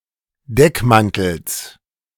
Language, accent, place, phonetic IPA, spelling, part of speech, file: German, Germany, Berlin, [ˈdɛkˌmantl̩s], Deckmantels, noun, De-Deckmantels.ogg
- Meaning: genitive singular of Deckmantel